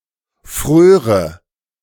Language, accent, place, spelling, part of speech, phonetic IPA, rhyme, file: German, Germany, Berlin, fröre, verb, [ˈfʁøːʁə], -øːʁə, De-fröre.ogg
- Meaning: first/third-person singular subjunctive II of frieren